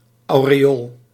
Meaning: halo
- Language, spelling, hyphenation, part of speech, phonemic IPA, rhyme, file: Dutch, aureool, au‧re‧ool, noun, /ˌɑu̯.reːˈoːl/, -oːl, Nl-aureool.ogg